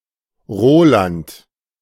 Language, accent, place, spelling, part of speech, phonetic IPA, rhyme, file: German, Germany, Berlin, Roland, proper noun, [ˈʁoːlant], -oːlant, De-Roland.ogg
- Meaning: a male given name, equivalent to English Roland